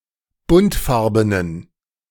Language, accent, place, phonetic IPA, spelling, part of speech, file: German, Germany, Berlin, [ˈbʊntˌfaʁbənən], buntfarbenen, adjective, De-buntfarbenen.ogg
- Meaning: inflection of buntfarben: 1. strong genitive masculine/neuter singular 2. weak/mixed genitive/dative all-gender singular 3. strong/weak/mixed accusative masculine singular 4. strong dative plural